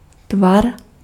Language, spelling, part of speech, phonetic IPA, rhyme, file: Czech, tvar, noun, [ˈtvar], -ar, Cs-tvar.ogg
- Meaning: 1. shape (appearance or outline) 2. shape (figure)